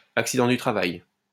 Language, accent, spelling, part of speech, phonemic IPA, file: French, France, accident du travail, noun, /ak.si.dɑ̃ dy tʁa.vaj/, LL-Q150 (fra)-accident du travail.wav
- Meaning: alternative form of accident de travail